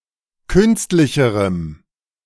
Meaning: strong dative masculine/neuter singular comparative degree of künstlich
- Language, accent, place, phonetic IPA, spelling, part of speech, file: German, Germany, Berlin, [ˈkʏnstlɪçəʁəm], künstlicherem, adjective, De-künstlicherem.ogg